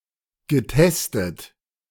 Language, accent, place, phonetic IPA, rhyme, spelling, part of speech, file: German, Germany, Berlin, [ɡəˈtɛstət], -ɛstət, getestet, adjective / verb, De-getestet.ogg
- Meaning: past participle of testen